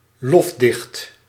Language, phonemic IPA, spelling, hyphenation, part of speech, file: Dutch, /ˈlɔf.dɪxt/, lofdicht, lof‧dicht, noun, Nl-lofdicht.ogg
- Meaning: ode, panegyric, a poem of praise